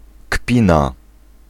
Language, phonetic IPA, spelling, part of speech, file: Polish, [ˈkpʲĩna], kpina, noun, Pl-kpina.ogg